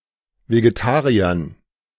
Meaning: dative plural of Vegetarier
- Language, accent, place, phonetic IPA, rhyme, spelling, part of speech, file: German, Germany, Berlin, [veɡeˈtaːʁiɐn], -aːʁiɐn, Vegetariern, noun, De-Vegetariern.ogg